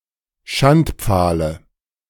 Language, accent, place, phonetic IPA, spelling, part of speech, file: German, Germany, Berlin, [ˈʃantˌp͡faːlə], Schandpfahle, noun, De-Schandpfahle.ogg
- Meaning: dative of Schandpfahl